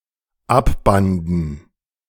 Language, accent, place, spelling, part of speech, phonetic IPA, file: German, Germany, Berlin, abbanden, verb, [ˈapˌbandn̩], De-abbanden.ogg
- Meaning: first/third-person plural dependent preterite of abbinden